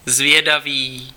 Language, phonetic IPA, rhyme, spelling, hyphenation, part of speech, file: Czech, [ˈzvjɛdaviː], -aviː, zvědavý, zvě‧da‧vý, adjective, Cs-zvědavý.ogg
- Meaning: curious (inquisitive)